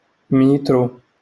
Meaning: metre
- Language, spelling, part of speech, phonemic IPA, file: Moroccan Arabic, مترو, noun, /miːtru/, LL-Q56426 (ary)-مترو.wav